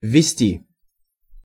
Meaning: 1. to introduce 2. to bring in, to usher in 3. to input
- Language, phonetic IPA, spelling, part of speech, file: Russian, [vʲːɪˈsʲtʲi], ввести, verb, Ru-ввести.ogg